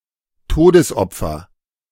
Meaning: 1. casualty 2. fatality
- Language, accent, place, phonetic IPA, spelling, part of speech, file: German, Germany, Berlin, [ˈtoːdəsˌʔɔp͡fɐ], Todesopfer, noun, De-Todesopfer.ogg